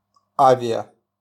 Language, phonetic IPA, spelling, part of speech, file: Russian, [ˌavʲɪə], авиа-, prefix, RU-авиа.wav
- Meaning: air-, aero-